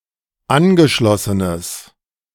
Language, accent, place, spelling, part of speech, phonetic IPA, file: German, Germany, Berlin, angeschlossenes, adjective, [ˈanɡəˌʃlɔsənəs], De-angeschlossenes.ogg
- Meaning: strong/mixed nominative/accusative neuter singular of angeschlossen